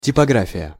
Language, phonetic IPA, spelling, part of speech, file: Russian, [tʲɪpɐˈɡrafʲɪjə], типография, noun, Ru-типография.ogg
- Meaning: printing house, printshop